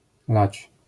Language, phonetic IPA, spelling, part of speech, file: Polish, [lat͡ɕ], lać, verb / noun, LL-Q809 (pol)-lać.wav